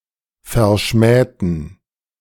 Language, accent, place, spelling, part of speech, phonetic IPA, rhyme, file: German, Germany, Berlin, verschmähten, adjective / verb, [fɛɐ̯ˈʃmɛːtn̩], -ɛːtn̩, De-verschmähten.ogg
- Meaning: inflection of verschmähen: 1. first/third-person plural preterite 2. first/third-person plural subjunctive II